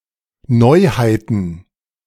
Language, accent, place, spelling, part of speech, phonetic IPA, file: German, Germany, Berlin, Neuheiten, noun, [ˈnɔɪ̯haɪ̯tn̩], De-Neuheiten.ogg
- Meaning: plural of Neuheit